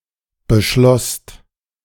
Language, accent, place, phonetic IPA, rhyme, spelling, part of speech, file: German, Germany, Berlin, [bəˈʃlɔst], -ɔst, beschlosst, verb, De-beschlosst.ogg
- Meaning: second-person singular/plural preterite of beschließen